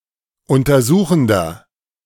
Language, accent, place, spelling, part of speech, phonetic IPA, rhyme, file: German, Germany, Berlin, untersuchender, adjective, [ˌʊntɐˈzuːxn̩dɐ], -uːxn̩dɐ, De-untersuchender.ogg
- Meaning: inflection of untersuchend: 1. strong/mixed nominative masculine singular 2. strong genitive/dative feminine singular 3. strong genitive plural